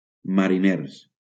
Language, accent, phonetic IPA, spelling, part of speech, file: Catalan, Valencia, [ma.ɾiˈneɾ], mariners, adjective / noun, LL-Q7026 (cat)-mariners.wav
- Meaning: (adjective) masculine plural of mariner; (noun) plural of mariner